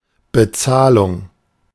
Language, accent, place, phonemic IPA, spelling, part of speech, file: German, Germany, Berlin, /bəˈt͡saːlʊŋ/, Bezahlung, noun, De-Bezahlung.ogg
- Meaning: payment